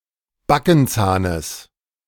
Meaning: genitive singular of Backenzahn
- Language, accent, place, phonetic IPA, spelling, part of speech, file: German, Germany, Berlin, [ˈbakn̩ˌt͡saːnəs], Backenzahnes, noun, De-Backenzahnes.ogg